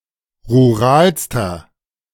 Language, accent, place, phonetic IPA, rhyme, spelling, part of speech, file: German, Germany, Berlin, [ʁuˈʁaːlstɐ], -aːlstɐ, ruralster, adjective, De-ruralster.ogg
- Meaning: inflection of rural: 1. strong/mixed nominative masculine singular superlative degree 2. strong genitive/dative feminine singular superlative degree 3. strong genitive plural superlative degree